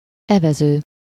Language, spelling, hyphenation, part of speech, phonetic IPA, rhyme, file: Hungarian, evező, eve‧ző, verb / noun, [ˈɛvɛzøː], -zøː, Hu-evező.ogg
- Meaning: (verb) present participle of evez: rowing; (noun) 1. rower, oarsman (one who rows) 2. oar, scull, paddle (implement used to row a boat)